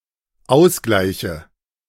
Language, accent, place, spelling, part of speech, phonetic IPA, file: German, Germany, Berlin, ausgleiche, verb, [ˈaʊ̯sˌɡlaɪ̯çə], De-ausgleiche.ogg
- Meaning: inflection of ausgleichen: 1. first-person singular dependent present 2. first/third-person singular dependent subjunctive I